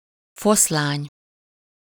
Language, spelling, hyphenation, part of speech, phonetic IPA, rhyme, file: Hungarian, foszlány, fosz‧lány, noun, [ˈfoslaːɲ], -aːɲ, Hu-foszlány.ogg
- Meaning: 1. shred, fragment, strip 2. bit, snatch, trace, scrap (a very small amount of something, a sound, conversation, etc.)